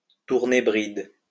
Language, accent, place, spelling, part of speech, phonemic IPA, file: French, France, Lyon, tourner bride, verb, /tuʁ.ne bʁid/, LL-Q150 (fra)-tourner bride.wav
- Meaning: to do a U-turn, to turn around, to turn tail